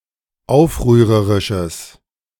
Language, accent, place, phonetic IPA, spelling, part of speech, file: German, Germany, Berlin, [ˈaʊ̯fʁyːʁəʁɪʃəs], aufrührerisches, adjective, De-aufrührerisches.ogg
- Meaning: strong/mixed nominative/accusative neuter singular of aufrührerisch